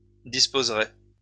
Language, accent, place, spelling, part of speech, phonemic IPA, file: French, France, Lyon, disposerai, verb, /dis.poz.ʁe/, LL-Q150 (fra)-disposerai.wav
- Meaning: first-person singular future of disposer